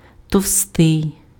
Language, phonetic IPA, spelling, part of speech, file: Ukrainian, [tɔu̯ˈstɪi̯], товстий, adjective, Uk-товстий.ogg
- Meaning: 1. fat 2. thick